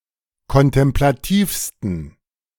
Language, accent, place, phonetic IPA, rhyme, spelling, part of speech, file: German, Germany, Berlin, [kɔntɛmplaˈtiːfstn̩], -iːfstn̩, kontemplativsten, adjective, De-kontemplativsten.ogg
- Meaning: 1. superlative degree of kontemplativ 2. inflection of kontemplativ: strong genitive masculine/neuter singular superlative degree